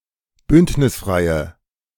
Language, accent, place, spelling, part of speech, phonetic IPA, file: German, Germany, Berlin, bündnisfreie, adjective, [ˈbʏntnɪsˌfʁaɪ̯ə], De-bündnisfreie.ogg
- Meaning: inflection of bündnisfrei: 1. strong/mixed nominative/accusative feminine singular 2. strong nominative/accusative plural 3. weak nominative all-gender singular